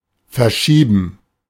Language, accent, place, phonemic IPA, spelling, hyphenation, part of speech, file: German, Germany, Berlin, /fɛrˈʃiːbən/, verschieben, ver‧schie‧ben, verb, De-verschieben.ogg
- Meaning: 1. to move, to shift 2. to postpone, to adjourn